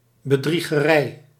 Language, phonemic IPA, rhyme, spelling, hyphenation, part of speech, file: Dutch, /bəˌdri.ɣəˈrɛi̯/, -ɛi̯, bedriegerij, be‧drie‧ge‧rij, noun, Nl-bedriegerij.ogg
- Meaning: trickery, deceit